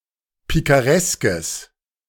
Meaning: strong/mixed nominative/accusative neuter singular of pikaresk
- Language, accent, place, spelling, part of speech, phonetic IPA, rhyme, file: German, Germany, Berlin, pikareskes, adjective, [ˌpikaˈʁɛskəs], -ɛskəs, De-pikareskes.ogg